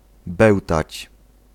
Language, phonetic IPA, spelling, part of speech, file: Polish, [ˈbɛwtat͡ɕ], bełtać, verb, Pl-bełtać.ogg